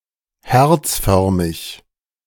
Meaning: heart-shaped (in the shape of a stylized heart)
- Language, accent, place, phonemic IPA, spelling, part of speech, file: German, Germany, Berlin, /ˈhɛʁt͡sˌfœʁmɪç/, herzförmig, adjective, De-herzförmig.ogg